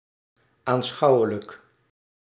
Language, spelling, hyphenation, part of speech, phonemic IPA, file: Dutch, aanschouwelijk, aan‧schou‧we‧lijk, adjective, /aːnˈsxɑu̯ələk/, Nl-aanschouwelijk.ogg
- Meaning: 1. graphical, pictorial 2. visible 3. empirical 4. using images and pictures